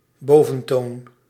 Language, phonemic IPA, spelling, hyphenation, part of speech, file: Dutch, /ˈboː.və(n)ˌtoːn/, boventoon, bo‧ven‧toon, noun, Nl-boventoon.ogg
- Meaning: overtone